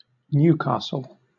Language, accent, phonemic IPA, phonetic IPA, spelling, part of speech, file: English, Southern England, /ˈnjuːˌkɑːsl̩/, [ˈnjʉˌkʰɑːsɫ̩], Newcastle, proper noun, LL-Q1860 (eng)-Newcastle.wav
- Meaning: One of several large cities: 1. A large city and metropolitan borough of Tyne and Wear, in northeastern England 2. A large city in New South Wales, Australia, situated at the mouth of the Hunter River